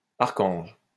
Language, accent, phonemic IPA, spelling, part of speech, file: French, France, /aʁ.kɑ̃ʒ/, archange, noun, LL-Q150 (fra)-archange.wav
- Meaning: archangel